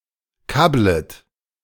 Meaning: second-person plural subjunctive I of kabbeln
- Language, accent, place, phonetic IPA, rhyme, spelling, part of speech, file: German, Germany, Berlin, [ˈkablət], -ablət, kabblet, verb, De-kabblet.ogg